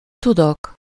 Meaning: first-person singular indicative present indefinite of tud
- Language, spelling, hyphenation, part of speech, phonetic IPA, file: Hungarian, tudok, tu‧dok, verb, [ˈtudok], Hu-tudok.ogg